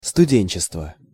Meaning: 1. time when one is a student 2. students
- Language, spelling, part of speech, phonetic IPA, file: Russian, студенчество, noun, [stʊˈdʲenʲt͡ɕɪstvə], Ru-студенчество.ogg